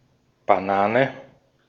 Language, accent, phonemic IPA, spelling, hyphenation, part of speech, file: German, Austria, /b̥aˈnaːnɛ/, Banane, Ba‧na‧ne, noun, De-at-Banane.ogg
- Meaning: banana (fruit or tree)